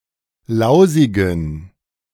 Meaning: inflection of lausig: 1. strong genitive masculine/neuter singular 2. weak/mixed genitive/dative all-gender singular 3. strong/weak/mixed accusative masculine singular 4. strong dative plural
- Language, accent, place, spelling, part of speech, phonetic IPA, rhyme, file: German, Germany, Berlin, lausigen, adjective, [ˈlaʊ̯zɪɡn̩], -aʊ̯zɪɡn̩, De-lausigen.ogg